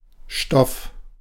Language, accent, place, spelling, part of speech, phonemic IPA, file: German, Germany, Berlin, Stoff, noun, /ʃtɔf/, De-Stoff.ogg
- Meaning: 1. stuff, matter, substance 2. stuff, matter, substance: the contents of a learning programme 3. substance 4. cloth, fabric, material 5. dope (narcotic drugs)